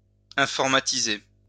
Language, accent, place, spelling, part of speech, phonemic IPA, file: French, France, Lyon, informatiser, verb, /ɛ̃.fɔʁ.ma.ti.ze/, LL-Q150 (fra)-informatiser.wav
- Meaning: to computerize; to digitize